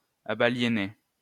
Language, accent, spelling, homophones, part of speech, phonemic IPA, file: French, France, abaliénais, abaliénaient / abaliénait, verb, /a.ba.lje.nɛ/, LL-Q150 (fra)-abaliénais.wav
- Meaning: first/second-person singular imperfect indicative of abaliéner